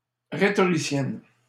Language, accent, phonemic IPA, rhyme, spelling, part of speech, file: French, Canada, /ʁe.tɔ.ʁi.sjɛn/, -ɛn, rhétoricienne, noun / adjective, LL-Q150 (fra)-rhétoricienne.wav
- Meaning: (noun) female equivalent of rhétoricien; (adjective) feminine singular of rhétoricien